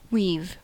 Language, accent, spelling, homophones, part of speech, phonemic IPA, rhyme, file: English, US, we've, weave, contraction, /wiv/, -iːv, En-us-we've.ogg
- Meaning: Contraction of we + have